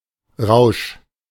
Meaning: 1. high, flush, intoxication 2. frenzy
- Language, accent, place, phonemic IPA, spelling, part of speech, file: German, Germany, Berlin, /ʁaʊ̯ʃ/, Rausch, noun, De-Rausch.ogg